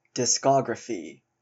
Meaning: 1. A catalog of the total releases of a musical act (usually with release dates of, and often other information about, the releases) 2. A complete collection of the releases of a musical act
- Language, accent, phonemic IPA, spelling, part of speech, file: English, US, /ˌdɪsˈkɑɡɹəfi/, discography, noun, En-ca-discography.oga